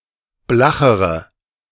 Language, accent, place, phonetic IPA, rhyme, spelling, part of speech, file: German, Germany, Berlin, [ˈblaxəʁə], -axəʁə, blachere, adjective, De-blachere.ogg
- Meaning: inflection of blach: 1. strong/mixed nominative/accusative feminine singular comparative degree 2. strong nominative/accusative plural comparative degree